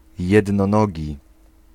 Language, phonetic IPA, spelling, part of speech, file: Polish, [ˌjɛdnɔ̃ˈnɔɟi], jednonogi, adjective, Pl-jednonogi.ogg